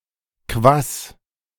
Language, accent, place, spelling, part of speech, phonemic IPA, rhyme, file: German, Germany, Berlin, Kwass, noun, /kvas/, -as, De-Kwass.ogg
- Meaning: kvass (traditional Slavic drink)